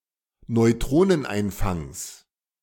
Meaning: genitive singular of Neutroneneinfang
- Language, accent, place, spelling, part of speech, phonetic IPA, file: German, Germany, Berlin, Neutroneneinfangs, noun, [nɔɪ̯ˈtʁoːnənˌʔaɪ̯nfaŋs], De-Neutroneneinfangs.ogg